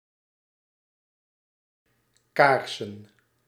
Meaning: plural of kaars
- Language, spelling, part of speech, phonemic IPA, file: Dutch, kaarsen, noun, /ˈkarsə(n)/, Nl-kaarsen.ogg